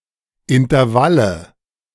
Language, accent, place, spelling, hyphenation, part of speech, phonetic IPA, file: German, Germany, Berlin, Intervalle, In‧ter‧val‧le, noun, [ɪntɐˈvalə], De-Intervalle.ogg
- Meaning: nominative/accusative/genitive plural of Intervall